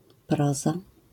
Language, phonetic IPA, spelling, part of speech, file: Polish, [ˈprɔza], proza, noun, LL-Q809 (pol)-proza.wav